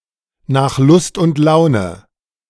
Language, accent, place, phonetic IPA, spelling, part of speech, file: German, Germany, Berlin, [naːx lʊst ʊnt ˈlaʊ̯nə], nach Lust und Laune, phrase, De-nach Lust und Laune.ogg
- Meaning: as one pleases